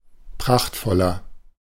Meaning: 1. comparative degree of prachtvoll 2. inflection of prachtvoll: strong/mixed nominative masculine singular 3. inflection of prachtvoll: strong genitive/dative feminine singular
- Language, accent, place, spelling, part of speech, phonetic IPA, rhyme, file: German, Germany, Berlin, prachtvoller, adjective, [ˈpʁaxtfɔlɐ], -axtfɔlɐ, De-prachtvoller.ogg